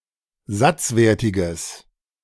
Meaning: strong/mixed nominative/accusative neuter singular of satzwertig
- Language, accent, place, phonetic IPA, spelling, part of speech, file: German, Germany, Berlin, [ˈzat͡sˌveːɐ̯tɪɡəs], satzwertiges, adjective, De-satzwertiges.ogg